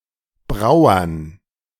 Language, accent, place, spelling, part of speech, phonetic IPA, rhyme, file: German, Germany, Berlin, Brauern, noun, [ˈbʁaʊ̯ɐn], -aʊ̯ɐn, De-Brauern.ogg
- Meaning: dative plural of Brauer